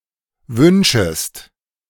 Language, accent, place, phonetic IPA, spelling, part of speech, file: German, Germany, Berlin, [ˈvʏnʃəst], wünschest, verb, De-wünschest.ogg
- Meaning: second-person singular subjunctive I of wünschen